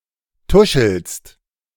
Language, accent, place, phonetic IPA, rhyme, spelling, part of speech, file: German, Germany, Berlin, [ˈtʊʃl̩st], -ʊʃl̩st, tuschelst, verb, De-tuschelst.ogg
- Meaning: second-person singular present of tuscheln